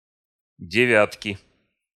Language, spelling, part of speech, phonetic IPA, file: Russian, девятки, noun, [dʲɪˈvʲatkʲɪ], Ru-девятки.ogg
- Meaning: inflection of девя́тка (devjátka): 1. genitive singular 2. nominative/accusative plural